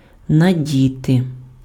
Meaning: to put on (an accessory)
- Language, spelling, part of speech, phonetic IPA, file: Ukrainian, надіти, verb, [nɐˈdʲite], Uk-надіти.ogg